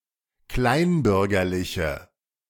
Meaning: inflection of kleinbürgerlich: 1. strong/mixed nominative/accusative feminine singular 2. strong nominative/accusative plural 3. weak nominative all-gender singular
- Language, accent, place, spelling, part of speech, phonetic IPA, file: German, Germany, Berlin, kleinbürgerliche, adjective, [ˈklaɪ̯nˌbʏʁɡɐlɪçə], De-kleinbürgerliche.ogg